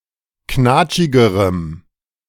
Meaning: strong dative masculine/neuter singular comparative degree of knatschig
- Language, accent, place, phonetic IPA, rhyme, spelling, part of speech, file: German, Germany, Berlin, [ˈknaːt͡ʃɪɡəʁəm], -aːt͡ʃɪɡəʁəm, knatschigerem, adjective, De-knatschigerem.ogg